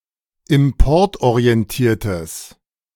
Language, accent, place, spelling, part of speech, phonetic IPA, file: German, Germany, Berlin, importorientiertes, adjective, [ɪmˈpɔʁtʔoʁiɛnˌtiːɐ̯təs], De-importorientiertes.ogg
- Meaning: strong/mixed nominative/accusative neuter singular of importorientiert